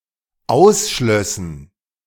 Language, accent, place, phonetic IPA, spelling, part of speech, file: German, Germany, Berlin, [ˈaʊ̯sˌʃlœsn̩], ausschlössen, verb, De-ausschlössen.ogg
- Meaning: first/third-person plural dependent subjunctive II of ausschließen